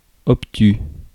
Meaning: 1. obtuse 2. narrow-minded, obtuse 3. dull, boring, lifeless
- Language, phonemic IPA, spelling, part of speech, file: French, /ɔp.ty/, obtus, adjective, Fr-obtus.ogg